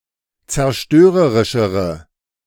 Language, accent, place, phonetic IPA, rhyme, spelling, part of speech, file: German, Germany, Berlin, [t͡sɛɐ̯ˈʃtøːʁəʁɪʃəʁə], -øːʁəʁɪʃəʁə, zerstörerischere, adjective, De-zerstörerischere.ogg
- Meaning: inflection of zerstörerisch: 1. strong/mixed nominative/accusative feminine singular comparative degree 2. strong nominative/accusative plural comparative degree